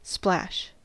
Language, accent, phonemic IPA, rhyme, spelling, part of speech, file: English, US, /splæʃ/, -æʃ, splash, noun / verb, En-us-splash.ogg
- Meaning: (noun) 1. The sound made by an object hitting a liquid 2. A small amount of liquid 3. A small amount (of color) 4. A mark or stain made from a small amount of liquid 5. An impact or impression